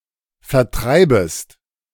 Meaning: second-person singular subjunctive I of vertreiben
- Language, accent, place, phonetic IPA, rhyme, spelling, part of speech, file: German, Germany, Berlin, [fɛɐ̯ˈtʁaɪ̯bəst], -aɪ̯bəst, vertreibest, verb, De-vertreibest.ogg